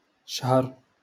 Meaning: month
- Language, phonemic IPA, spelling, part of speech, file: Moroccan Arabic, /ʃhar/, شهر, noun, LL-Q56426 (ary)-شهر.wav